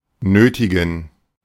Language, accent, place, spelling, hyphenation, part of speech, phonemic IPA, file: German, Germany, Berlin, nötigen, nö‧ti‧gen, verb / adjective, /ˈnøːtɪɡən/, De-nötigen.ogg
- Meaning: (verb) 1. to coerce (force someone through violence or threat) 2. to oblige, railroad (make someone do something through cajolement, haste, moral pressure, etc.)